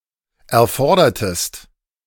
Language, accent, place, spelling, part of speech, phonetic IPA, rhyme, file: German, Germany, Berlin, erfordertest, verb, [ɛɐ̯ˈfɔʁdɐtəst], -ɔʁdɐtəst, De-erfordertest.ogg
- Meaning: inflection of erfordern: 1. second-person singular preterite 2. second-person singular subjunctive II